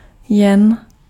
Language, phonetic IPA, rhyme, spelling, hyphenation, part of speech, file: Czech, [ˈjɛn], -ɛn, jen, jen, adverb / noun, Cs-jen.ogg
- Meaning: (adverb) only; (noun) yen (Japanese currency)